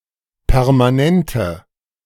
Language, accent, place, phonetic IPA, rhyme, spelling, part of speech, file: German, Germany, Berlin, [pɛʁmaˈnɛntə], -ɛntə, permanente, adjective, De-permanente.ogg
- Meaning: inflection of permanent: 1. strong/mixed nominative/accusative feminine singular 2. strong nominative/accusative plural 3. weak nominative all-gender singular